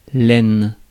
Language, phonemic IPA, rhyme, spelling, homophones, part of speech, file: French, /ɛn/, -ɛn, aine, haine, noun, Fr-aine.ogg
- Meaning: groin